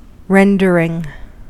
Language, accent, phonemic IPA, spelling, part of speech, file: English, US, /ˈɹɛndəɹɪŋ/, rendering, noun / verb, En-us-rendering.ogg
- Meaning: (noun) 1. The act or process by which something is rendered 2. Version; translation 3. Sketch, illustration, or painting